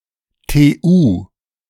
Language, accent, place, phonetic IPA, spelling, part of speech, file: German, Germany, Berlin, [teːˈʔuː], TU, abbreviation, De-TU.ogg
- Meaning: initialism of Technisch Universität, a university of technology